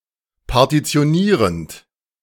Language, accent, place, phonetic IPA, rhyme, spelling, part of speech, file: German, Germany, Berlin, [paʁtit͡si̯oˈniːʁənt], -iːʁənt, partitionierend, verb, De-partitionierend.ogg
- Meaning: present participle of partitionieren